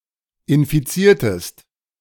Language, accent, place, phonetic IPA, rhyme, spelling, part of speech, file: German, Germany, Berlin, [ɪnfiˈt͡siːɐ̯təst], -iːɐ̯təst, infiziertest, verb, De-infiziertest.ogg
- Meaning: inflection of infizieren: 1. second-person singular preterite 2. second-person singular subjunctive II